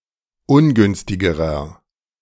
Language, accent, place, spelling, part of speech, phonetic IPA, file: German, Germany, Berlin, ungünstigerer, adjective, [ˈʊnˌɡʏnstɪɡəʁɐ], De-ungünstigerer.ogg
- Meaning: inflection of ungünstig: 1. strong/mixed nominative masculine singular comparative degree 2. strong genitive/dative feminine singular comparative degree 3. strong genitive plural comparative degree